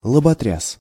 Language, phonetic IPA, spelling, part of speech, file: Russian, [ɫəbɐˈtrʲas], лоботряс, noun, Ru-лоботряс.ogg
- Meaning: idler, lazybones